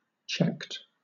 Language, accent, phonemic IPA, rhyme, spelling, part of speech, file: English, Southern England, /t͡ʃɛkt/, -ɛkt, checked, adjective / verb, LL-Q1860 (eng)-checked.wav
- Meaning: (adjective) 1. Marked with a check mark 2. Having a pattern of checks; checkered 3. Of syllables, having a coda 4. Of consonants, glottalized 5. Verified or validated in some way